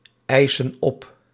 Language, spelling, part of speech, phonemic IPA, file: Dutch, eisen op, verb, /ˈɛisə(n) ˈɔp/, Nl-eisen op.ogg
- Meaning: inflection of opeisen: 1. plural present indicative 2. plural present subjunctive